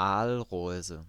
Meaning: eel basket, eelpot, eel trap, eelbuck
- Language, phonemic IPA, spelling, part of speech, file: German, /ˈaːlˌʁɔɪ̯zə/, Aalreuse, noun, De-Aalreuse.ogg